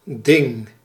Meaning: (noun) 1. matter, thing 2. thing (popular assembly or judicial council in early Germanic society); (verb) inflection of dingen: first-person singular present indicative
- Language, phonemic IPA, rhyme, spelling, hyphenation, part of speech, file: Dutch, /dɪŋ/, -ɪŋ, ding, ding, noun / verb, Nl-ding.ogg